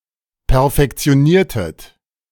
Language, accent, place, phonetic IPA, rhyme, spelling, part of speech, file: German, Germany, Berlin, [pɛɐ̯fɛkt͡si̯oˈniːɐ̯tət], -iːɐ̯tət, perfektioniertet, verb, De-perfektioniertet.ogg
- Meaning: inflection of perfektionieren: 1. second-person plural preterite 2. second-person plural subjunctive II